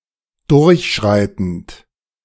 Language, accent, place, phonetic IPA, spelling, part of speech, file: German, Germany, Berlin, [ˈdʊʁçˌʃʁaɪ̯tn̩t], durchschreitend, verb, De-durchschreitend.ogg
- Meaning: present participle of durchschreiten